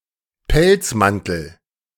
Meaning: fur coat
- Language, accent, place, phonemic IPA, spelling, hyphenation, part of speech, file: German, Germany, Berlin, /ˈpɛlt͡sˌmantl̩/, Pelzmantel, Pelz‧man‧tel, noun, De-Pelzmantel.ogg